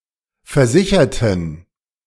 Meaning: inflection of versichern: 1. first/third-person plural preterite 2. first/third-person plural subjunctive II
- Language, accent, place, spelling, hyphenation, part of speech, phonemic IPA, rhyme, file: German, Germany, Berlin, versicherten, ver‧si‧cher‧ten, verb, /fɛɐ̯ˈzɪçɐtn̩/, -ɪçɐtn̩, De-versicherten.ogg